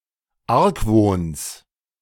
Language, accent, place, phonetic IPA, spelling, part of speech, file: German, Germany, Berlin, [ˈaʁkˌvoːns], Argwohns, noun, De-Argwohns.ogg
- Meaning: genitive singular of Argwohn